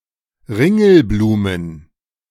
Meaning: plural of Ringelblume
- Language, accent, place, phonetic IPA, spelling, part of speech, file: German, Germany, Berlin, [ˈʁɪŋl̩ˌbluːmən], Ringelblumen, noun, De-Ringelblumen.ogg